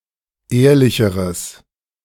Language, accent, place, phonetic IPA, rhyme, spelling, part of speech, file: German, Germany, Berlin, [ˈeːɐ̯lɪçəʁəs], -eːɐ̯lɪçəʁəs, ehrlicheres, adjective, De-ehrlicheres.ogg
- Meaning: strong/mixed nominative/accusative neuter singular comparative degree of ehrlich